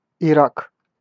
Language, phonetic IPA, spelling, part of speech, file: Russian, [ɪˈrak], Ирак, proper noun, Ru-Ирак.ogg
- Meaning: Iraq (a country in West Asia in the Middle East)